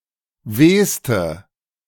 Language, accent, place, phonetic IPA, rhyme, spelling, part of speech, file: German, Germany, Berlin, [ˈveːstə], -eːstə, wehste, adjective, De-wehste.ogg
- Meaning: inflection of weh: 1. strong/mixed nominative/accusative feminine singular superlative degree 2. strong nominative/accusative plural superlative degree